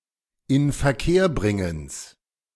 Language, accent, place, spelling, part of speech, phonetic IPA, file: German, Germany, Berlin, Inverkehrbringens, noun, [ɪnfɛɐ̯ˈkeːɐ̯ˌbʁɪŋəns], De-Inverkehrbringens.ogg
- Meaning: genitive singular of Inverkehrbringen